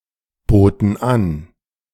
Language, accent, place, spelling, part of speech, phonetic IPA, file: German, Germany, Berlin, boten an, verb, [ˌboːtn̩ ˈan], De-boten an.ogg
- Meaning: first/third-person plural preterite of anbieten